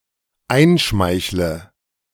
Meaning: inflection of einschmeicheln: 1. first-person singular dependent present 2. first/third-person singular dependent subjunctive I
- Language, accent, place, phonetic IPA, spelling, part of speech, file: German, Germany, Berlin, [ˈaɪ̯nˌʃmaɪ̯çlə], einschmeichle, verb, De-einschmeichle.ogg